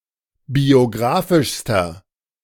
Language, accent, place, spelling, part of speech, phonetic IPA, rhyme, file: German, Germany, Berlin, biographischster, adjective, [bioˈɡʁaːfɪʃstɐ], -aːfɪʃstɐ, De-biographischster.ogg
- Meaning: inflection of biographisch: 1. strong/mixed nominative masculine singular superlative degree 2. strong genitive/dative feminine singular superlative degree 3. strong genitive plural superlative degree